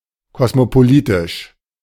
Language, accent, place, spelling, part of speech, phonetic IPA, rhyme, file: German, Germany, Berlin, kosmopolitisch, adjective, [ˌkɔsmopoˈliːtɪʃ], -iːtɪʃ, De-kosmopolitisch.ogg
- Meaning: cosmopolitan